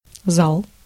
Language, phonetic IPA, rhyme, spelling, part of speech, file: Russian, [zaɫ], -aɫ, зал, noun, Ru-зал.ogg
- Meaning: 1. hall 2. living room 3. ellipsis of тренажёрный зал (trenažórnyj zal, “gym”) 4. genitive plural of за́ла (zála)